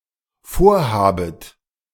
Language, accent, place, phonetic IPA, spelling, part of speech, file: German, Germany, Berlin, [ˈfoːɐ̯ˌhaːbət], vorhabet, verb, De-vorhabet.ogg
- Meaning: second-person plural dependent subjunctive I of vorhaben